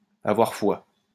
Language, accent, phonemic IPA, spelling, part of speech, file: French, France, /a.vwaʁ fwa/, avoir foi, verb, LL-Q150 (fra)-avoir foi.wav
- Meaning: to have faith in, to believe in